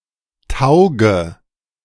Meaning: inflection of taugen: 1. first-person singular present 2. first/third-person singular subjunctive I 3. singular imperative
- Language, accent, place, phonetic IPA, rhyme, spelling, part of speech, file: German, Germany, Berlin, [ˈtaʊ̯ɡə], -aʊ̯ɡə, tauge, verb, De-tauge.ogg